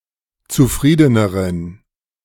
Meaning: inflection of zufrieden: 1. strong genitive masculine/neuter singular comparative degree 2. weak/mixed genitive/dative all-gender singular comparative degree
- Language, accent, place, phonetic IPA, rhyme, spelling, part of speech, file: German, Germany, Berlin, [t͡suˈfʁiːdənəʁən], -iːdənəʁən, zufriedeneren, adjective, De-zufriedeneren.ogg